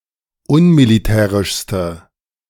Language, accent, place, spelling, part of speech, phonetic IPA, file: German, Germany, Berlin, unmilitärischste, adjective, [ˈʊnmiliˌtɛːʁɪʃstə], De-unmilitärischste.ogg
- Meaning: inflection of unmilitärisch: 1. strong/mixed nominative/accusative feminine singular superlative degree 2. strong nominative/accusative plural superlative degree